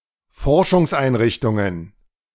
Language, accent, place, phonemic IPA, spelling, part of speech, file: German, Germany, Berlin, /ˈfɔʁʃʊŋsʔaɪ̯nˌʁɪçtʊŋən/, Forschungseinrichtungen, noun, De-Forschungseinrichtungen.ogg
- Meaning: plural of Forschungseinrichtung